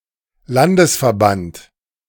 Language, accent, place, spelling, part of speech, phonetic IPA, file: German, Germany, Berlin, Landesverband, noun, [ˈlandəsfɛɐ̯ˌbant], De-Landesverband.ogg
- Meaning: national / state association